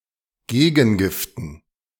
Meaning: dative plural of Gegengift
- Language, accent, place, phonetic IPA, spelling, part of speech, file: German, Germany, Berlin, [ˈɡeːɡn̩ˌɡɪftn̩], Gegengiften, noun, De-Gegengiften.ogg